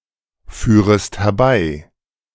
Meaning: second-person singular subjunctive I of herbeiführen
- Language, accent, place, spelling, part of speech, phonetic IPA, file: German, Germany, Berlin, führest herbei, verb, [ˌfyːʁəst hɛɐ̯ˈbaɪ̯], De-führest herbei.ogg